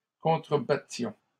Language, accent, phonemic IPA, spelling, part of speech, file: French, Canada, /kɔ̃.tʁə.ba.tjɔ̃/, contrebattions, verb, LL-Q150 (fra)-contrebattions.wav
- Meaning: inflection of contrebattre: 1. first-person plural imperfect indicative 2. first-person plural present subjunctive